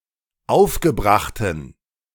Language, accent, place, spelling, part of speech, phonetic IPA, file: German, Germany, Berlin, aufgebrachten, adjective, [ˈaʊ̯fɡəˌbʁaxtn̩], De-aufgebrachten.ogg
- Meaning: inflection of aufgebracht: 1. strong genitive masculine/neuter singular 2. weak/mixed genitive/dative all-gender singular 3. strong/weak/mixed accusative masculine singular 4. strong dative plural